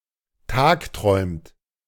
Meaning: inflection of tagträumen: 1. third-person singular present 2. second-person plural present 3. plural imperative
- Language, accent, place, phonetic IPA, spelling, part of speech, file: German, Germany, Berlin, [ˈtaːkˌtʁɔɪ̯mt], tagträumt, verb, De-tagträumt.ogg